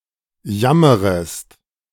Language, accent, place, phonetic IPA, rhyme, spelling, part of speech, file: German, Germany, Berlin, [ˈjaməʁəst], -aməʁəst, jammerest, verb, De-jammerest.ogg
- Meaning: second-person singular subjunctive I of jammern